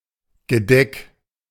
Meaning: place setting; cover (a person’s setting of cutlery etc. at a set table)
- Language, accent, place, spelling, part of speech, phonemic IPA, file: German, Germany, Berlin, Gedeck, noun, /ɡəˈdɛk/, De-Gedeck.ogg